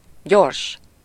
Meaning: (adjective) rapid, quick, fast; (noun) express train, express (train making limited stops)
- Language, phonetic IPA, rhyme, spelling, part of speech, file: Hungarian, [ˈɟorʃ], -orʃ, gyors, adjective / noun, Hu-gyors.ogg